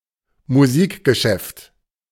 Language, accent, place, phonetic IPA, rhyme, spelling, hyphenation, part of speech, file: German, Germany, Berlin, [muˈziːkɡəˌʃɛft], -ɛft, Musikgeschäft, Mu‧sik‧ge‧schäft, noun, De-Musikgeschäft.ogg
- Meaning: 1. music store 2. music business, music industry